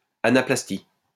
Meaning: anaplasty
- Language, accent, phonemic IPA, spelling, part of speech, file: French, France, /a.na.plas.ti/, anaplastie, noun, LL-Q150 (fra)-anaplastie.wav